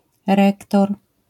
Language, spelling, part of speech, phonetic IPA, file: Polish, rektor, noun, [ˈrɛktɔr], LL-Q809 (pol)-rektor.wav